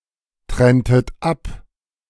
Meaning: inflection of abtrennen: 1. second-person plural preterite 2. second-person plural subjunctive II
- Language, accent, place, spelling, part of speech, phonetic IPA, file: German, Germany, Berlin, trenntet ab, verb, [ˌtʁɛntət ˈap], De-trenntet ab.ogg